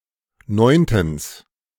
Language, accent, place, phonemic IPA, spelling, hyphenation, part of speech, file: German, Germany, Berlin, /ˈnɔɪ̯ntn̩s/, neuntens, neun‧tens, adverb, De-neuntens.ogg
- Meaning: ninthly